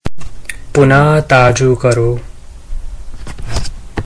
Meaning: to refresh
- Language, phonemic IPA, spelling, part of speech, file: Gujarati, /ˈpu.nə.t̪ɑ.d͡ʒũ‿ˈkəɾ.ʋũ/, પુનઃતાજું કરવું, verb, Gu-પુનઃતાજું કરવું.ogg